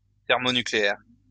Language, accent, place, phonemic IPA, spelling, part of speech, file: French, France, Lyon, /tɛʁ.mɔ.ny.kle.ɛʁ/, thermonucléaire, adjective, LL-Q150 (fra)-thermonucléaire.wav
- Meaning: thermonuclear